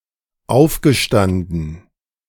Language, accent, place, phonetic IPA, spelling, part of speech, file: German, Germany, Berlin, [ˈaʊ̯fɡəˌʃtandn̩], aufgestanden, verb, De-aufgestanden.ogg
- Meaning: past participle of aufstehen